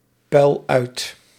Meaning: inflection of uitpuilen: 1. first-person singular present indicative 2. second-person singular present indicative 3. imperative
- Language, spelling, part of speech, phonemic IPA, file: Dutch, puil uit, verb, /ˈpœyl ˈœyt/, Nl-puil uit.ogg